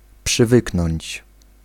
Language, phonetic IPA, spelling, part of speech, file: Polish, [pʃɨˈvɨknɔ̃ɲt͡ɕ], przywyknąć, verb, Pl-przywyknąć.ogg